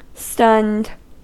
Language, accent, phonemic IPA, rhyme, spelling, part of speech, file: English, US, /stʌnd/, -ʌnd, stunned, adjective / verb, En-us-stunned.ogg
- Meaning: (adjective) Unable to act or respond; dazed; shocked; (verb) simple past and past participle of stun